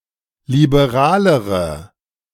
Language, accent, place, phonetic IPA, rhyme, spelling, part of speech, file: German, Germany, Berlin, [libeˈʁaːləʁə], -aːləʁə, liberalere, adjective, De-liberalere.ogg
- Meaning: inflection of liberal: 1. strong/mixed nominative/accusative feminine singular comparative degree 2. strong nominative/accusative plural comparative degree